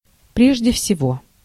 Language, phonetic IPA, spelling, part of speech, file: Russian, [ˈprʲeʐdʲe fsʲɪˈvo], прежде всего, adverb, Ru-прежде всего.ogg
- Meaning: 1. first of all 2. above all 3. in the first place 4. to begin with 5. primarily